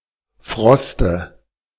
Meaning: dative singular of Frost
- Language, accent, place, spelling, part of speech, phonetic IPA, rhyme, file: German, Germany, Berlin, Froste, noun, [ˈfʁɔstə], -ɔstə, De-Froste.ogg